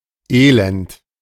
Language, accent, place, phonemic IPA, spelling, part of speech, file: German, Germany, Berlin, /ˈeːlɛnt/, elend, adjective, De-elend.ogg
- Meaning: 1. miserable 2. wretched 3. sordid